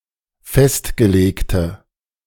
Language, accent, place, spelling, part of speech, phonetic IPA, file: German, Germany, Berlin, festgelegte, adjective, [ˈfɛstɡəˌleːktə], De-festgelegte.ogg
- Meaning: inflection of festgelegt: 1. strong/mixed nominative/accusative feminine singular 2. strong nominative/accusative plural 3. weak nominative all-gender singular